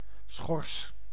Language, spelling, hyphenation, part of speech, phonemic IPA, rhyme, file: Dutch, schors, schors, noun / verb, /sxɔrs/, -ɔrs, Nl-schors.ogg
- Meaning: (noun) 1. outer bark 2. any equivalent rind on other plants 3. a similar exterior tissue or layer, peel or crust, e.g. on an organ 4. one's or something's appearance; a cover